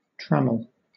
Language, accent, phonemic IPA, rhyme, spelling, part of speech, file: English, Southern England, /ˈtræməl/, -æməl, trammel, noun / verb, LL-Q1860 (eng)-trammel.wav
- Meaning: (noun) 1. Whatever impedes activity, progress, or freedom, such as a net or shackle 2. A fishing net that has large mesh at the edges and smaller mesh in the middle